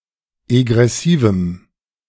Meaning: strong dative masculine/neuter singular of egressiv
- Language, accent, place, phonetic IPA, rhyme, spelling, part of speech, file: German, Germany, Berlin, [eɡʁɛˈsiːvm̩], -iːvm̩, egressivem, adjective, De-egressivem.ogg